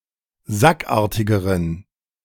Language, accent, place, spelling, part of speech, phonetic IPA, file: German, Germany, Berlin, sackartigeren, adjective, [ˈzakˌʔaːɐ̯tɪɡəʁən], De-sackartigeren.ogg
- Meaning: inflection of sackartig: 1. strong genitive masculine/neuter singular comparative degree 2. weak/mixed genitive/dative all-gender singular comparative degree